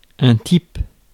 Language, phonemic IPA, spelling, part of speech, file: French, /tip/, type, noun / adjective, Fr-type.ogg
- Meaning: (noun) 1. type; sort, kind 2. guy, bloke, man 3. typeface; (adjective) 1. typical, normal, classic 2. standard